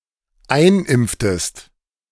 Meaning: inflection of einimpfen: 1. second-person singular dependent preterite 2. second-person singular dependent subjunctive II
- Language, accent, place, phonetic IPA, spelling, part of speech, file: German, Germany, Berlin, [ˈaɪ̯nˌʔɪmp͡ftəst], einimpftest, verb, De-einimpftest.ogg